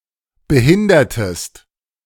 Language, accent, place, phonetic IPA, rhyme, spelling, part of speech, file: German, Germany, Berlin, [bəˈhɪndɐtəst], -ɪndɐtəst, behindertest, verb, De-behindertest.ogg
- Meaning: inflection of behindern: 1. second-person singular preterite 2. second-person singular subjunctive II